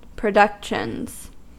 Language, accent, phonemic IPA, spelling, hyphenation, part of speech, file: English, US, /pɹəˈdʌkʃənz/, productions, pro‧duc‧tions, noun, En-us-productions.ogg
- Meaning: plural of production